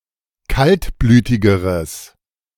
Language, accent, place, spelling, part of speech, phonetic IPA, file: German, Germany, Berlin, kaltblütigeres, adjective, [ˈkaltˌblyːtɪɡəʁəs], De-kaltblütigeres.ogg
- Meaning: strong/mixed nominative/accusative neuter singular comparative degree of kaltblütig